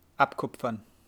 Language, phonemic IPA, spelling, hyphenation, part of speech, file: German, /ˈʔapˌkʊpfɐn/, abkupfern, ab‧kup‧fern, verb, De-abkupfern.ogg
- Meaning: to plagiarize, to copy